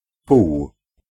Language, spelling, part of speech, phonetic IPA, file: Polish, pół, numeral / noun, [puw], Pl-pół.ogg